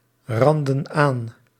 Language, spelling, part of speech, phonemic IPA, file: Dutch, randen aan, verb, /ˈrɑndə(n) ˈan/, Nl-randen aan.ogg
- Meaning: inflection of aanranden: 1. plural present indicative 2. plural present subjunctive